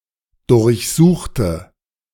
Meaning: inflection of durchsuchen: 1. first/third-person singular preterite 2. first/third-person singular subjunctive II
- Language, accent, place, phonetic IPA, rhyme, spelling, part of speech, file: German, Germany, Berlin, [dʊʁçˈzuːxtə], -uːxtə, durchsuchte, adjective / verb, De-durchsuchte.ogg